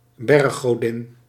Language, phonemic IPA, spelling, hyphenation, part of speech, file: Dutch, /ˈbɛr.xoːˌdɪn/, berggodin, berg‧go‧din, noun, Nl-berggodin.ogg
- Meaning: mountain goddess